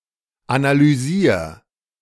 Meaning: 1. singular imperative of analysieren 2. first-person singular present of analysieren
- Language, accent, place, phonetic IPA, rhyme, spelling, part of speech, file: German, Germany, Berlin, [analyˈziːɐ̯], -iːɐ̯, analysier, verb, De-analysier.ogg